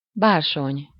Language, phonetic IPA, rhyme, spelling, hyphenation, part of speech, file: Hungarian, [ˈbaːrʃoɲ], -oɲ, bársony, bár‧sony, noun, Hu-bársony.ogg
- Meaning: velvet